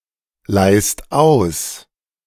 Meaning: second-person singular present of ausleihen
- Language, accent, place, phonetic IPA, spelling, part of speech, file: German, Germany, Berlin, [ˌlaɪ̯st ˈaʊ̯s], leihst aus, verb, De-leihst aus.ogg